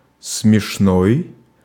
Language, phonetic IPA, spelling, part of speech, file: Russian, [smʲɪʂˈnoj], смешной, adjective, Ru-смешной.ogg
- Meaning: 1. funny, comic, droll 2. laughable, ridiculous, ludicrous